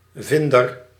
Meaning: finder, someone who finds something
- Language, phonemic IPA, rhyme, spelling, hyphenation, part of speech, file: Dutch, /fɪndər/, -ɪndər, vinder, vin‧der, noun, Nl-vinder.ogg